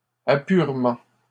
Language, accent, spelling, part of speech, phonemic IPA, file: French, Canada, apurement, noun, /a.pyʁ.mɑ̃/, LL-Q150 (fra)-apurement.wav
- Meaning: balancing (of an account)